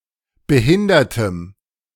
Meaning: strong dative masculine/neuter singular of behindert
- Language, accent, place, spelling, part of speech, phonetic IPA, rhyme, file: German, Germany, Berlin, behindertem, adjective, [bəˈhɪndɐtəm], -ɪndɐtəm, De-behindertem.ogg